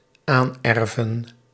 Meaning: to inherit (to gain in inheritance)
- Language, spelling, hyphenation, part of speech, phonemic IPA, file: Dutch, aanerven, aan‧er‧ven, verb, /ˈaːnˌɛr.vən/, Nl-aanerven.ogg